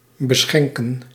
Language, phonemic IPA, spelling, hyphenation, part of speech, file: Dutch, /bəˈsxɛŋ.kə(n)/, beschenken, be‧schen‧ken, verb, Nl-beschenken.ogg
- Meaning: 1. to bestow (on), to confer 2. to give a drink 3. to get drunk